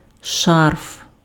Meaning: scarf (clothing)
- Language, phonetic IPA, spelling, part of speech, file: Ukrainian, [ʃarf], шарф, noun, Uk-шарф.ogg